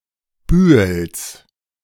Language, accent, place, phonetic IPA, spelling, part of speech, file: German, Germany, Berlin, [ˈbyːəls], Bühels, noun, De-Bühels.ogg
- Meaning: genitive singular of Bühel